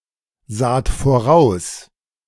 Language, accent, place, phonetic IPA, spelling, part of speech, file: German, Germany, Berlin, [ˌzaːt foˈʁaʊ̯s], saht voraus, verb, De-saht voraus.ogg
- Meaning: second-person plural preterite of voraussehen